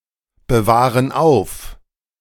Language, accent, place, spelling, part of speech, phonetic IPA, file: German, Germany, Berlin, bewahren auf, verb, [bəˌvaːʁən ˈaʊ̯f], De-bewahren auf.ogg
- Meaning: inflection of aufbewahren: 1. first/third-person plural present 2. first/third-person plural subjunctive I